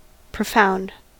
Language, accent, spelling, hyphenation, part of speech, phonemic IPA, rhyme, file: English, US, profound, pro‧found, adjective / noun / verb, /pɹəˈfaʊnd/, -aʊnd, En-us-profound.ogg
- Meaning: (adjective) 1. Descending far below the surface; opening or reaching to great depth; deep 2. Very deep; very serious